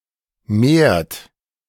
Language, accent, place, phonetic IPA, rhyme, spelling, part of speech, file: German, Germany, Berlin, [meːɐ̯t], -eːɐ̯t, mehrt, verb, De-mehrt.ogg
- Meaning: inflection of mehren: 1. third-person singular present 2. second-person plural present 3. plural imperative